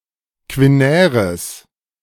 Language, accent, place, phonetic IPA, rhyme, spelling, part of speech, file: German, Germany, Berlin, [kvɪˈnɛːʁəs], -ɛːʁəs, quinäres, adjective, De-quinäres.ogg
- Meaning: strong/mixed nominative/accusative neuter singular of quinär